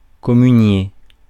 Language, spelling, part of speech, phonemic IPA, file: French, communier, verb, /kɔ.my.nje/, Fr-communier.ogg
- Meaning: 1. to receive communion 2. to administer communion 3. to communicate